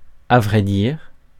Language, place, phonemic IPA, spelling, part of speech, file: French, Paris, /a vʁɛ diʁ/, à vrai dire, adverb, Fr-à vrai dire.ogg
- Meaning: attestation of truthfulness and frankness: to tell the truth, as a matter of fact